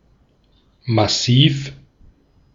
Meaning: 1. solid, not hollow 2. heavy, massive
- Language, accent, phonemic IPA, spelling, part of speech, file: German, Austria, /maˈsiːf/, massiv, adjective, De-at-massiv.ogg